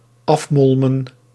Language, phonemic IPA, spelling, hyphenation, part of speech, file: Dutch, /ˈɑfˌmɔl.mə(n)/, afmolmen, af‧mol‧men, verb, Nl-afmolmen.ogg
- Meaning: to weather, to crumble, to decay